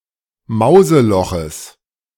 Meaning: genitive singular of Mauseloch
- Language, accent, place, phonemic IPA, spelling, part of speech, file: German, Germany, Berlin, /ˈmaʊ̯zəˌlɔxəs/, Mauseloches, noun, De-Mauseloches.ogg